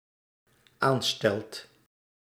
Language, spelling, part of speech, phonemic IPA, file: Dutch, aanstelt, verb, /ˈanstɛlt/, Nl-aanstelt.ogg
- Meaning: second/third-person singular dependent-clause present indicative of aanstellen